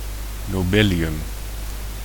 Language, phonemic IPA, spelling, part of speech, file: Dutch, /noˈbeliˌjʏm/, nobelium, noun, Nl-nobelium.ogg
- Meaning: nobelium